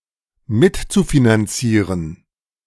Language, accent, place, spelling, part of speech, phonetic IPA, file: German, Germany, Berlin, mitzufinanzieren, verb, [ˈmɪtt͡sufinanˌt͡siːʁən], De-mitzufinanzieren.ogg
- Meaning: zu-infinitive of mitfinanzieren